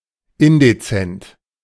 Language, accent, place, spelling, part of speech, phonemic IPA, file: German, Germany, Berlin, indezent, adjective, /ˈɪndet͡sɛnt/, De-indezent.ogg
- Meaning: indecent